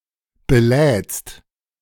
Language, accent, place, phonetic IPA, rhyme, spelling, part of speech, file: German, Germany, Berlin, [beˈlɛːt͡st], -ɛːt͡st, belädst, verb, De-belädst.ogg
- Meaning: second-person singular present of beladen